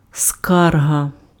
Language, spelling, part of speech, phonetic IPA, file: Ukrainian, скарга, noun, [ˈskarɦɐ], Uk-скарга.ogg
- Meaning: complaint, grievance